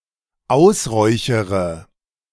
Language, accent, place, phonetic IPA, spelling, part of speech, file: German, Germany, Berlin, [ˈaʊ̯sˌʁɔɪ̯çəʁə], ausräuchere, verb, De-ausräuchere.ogg
- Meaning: inflection of ausräuchern: 1. first-person singular dependent present 2. first/third-person singular dependent subjunctive I